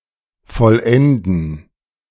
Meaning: to complete
- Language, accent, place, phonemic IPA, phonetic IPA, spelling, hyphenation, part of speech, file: German, Germany, Berlin, /fɔˈlɛndn/, [fɔlˈʔɛndn̩], vollenden, voll‧en‧den, verb, De-vollenden.ogg